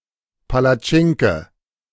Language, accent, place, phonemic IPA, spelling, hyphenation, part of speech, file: German, Germany, Berlin, /palaˈt͡ʃɪŋkə/, Palatschinke, Pa‧la‧tschin‧ke, noun, De-Palatschinke.ogg
- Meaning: pancake